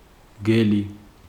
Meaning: wolf
- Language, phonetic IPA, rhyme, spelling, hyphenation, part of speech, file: Georgian, [mɡe̞li], -e̞li, მგელი, მგე‧ლი, noun, Ka-მგელი.ogg